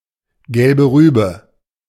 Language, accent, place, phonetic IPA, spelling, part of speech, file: German, Germany, Berlin, [ˌɡɛlbə ˈʁyːbə], gelbe Rübe, phrase, De-gelbe Rübe.ogg
- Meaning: carrot